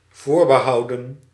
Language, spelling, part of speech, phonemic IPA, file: Dutch, voorbehouden, verb, /ˈvoːr.bəˌɦɑu̯.də(n)/, Nl-voorbehouden.ogg
- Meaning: 1. to reserve 2. past participle of voorbehouden